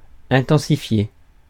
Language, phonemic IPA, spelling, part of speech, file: French, /ɛ̃.tɑ̃.si.fje/, intensifier, verb, Fr-intensifier.ogg
- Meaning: to intensify